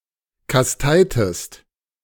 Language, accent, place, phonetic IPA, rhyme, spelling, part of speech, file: German, Germany, Berlin, [kasˈtaɪ̯təst], -aɪ̯təst, kasteitest, verb, De-kasteitest.ogg
- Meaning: inflection of kasteien: 1. second-person singular preterite 2. second-person singular subjunctive II